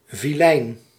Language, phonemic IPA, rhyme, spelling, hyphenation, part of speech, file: Dutch, /viˈlɛi̯n/, -ɛi̯n, vilein, vi‧lein, adjective / noun, Nl-vilein.ogg
- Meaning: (adjective) mean, nasty; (noun) a vile person